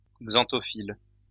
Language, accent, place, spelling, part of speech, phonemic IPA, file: French, France, Lyon, xanthophylle, noun, /ɡzɑ̃.tɔ.fil/, LL-Q150 (fra)-xanthophylle.wav
- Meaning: xanthophyll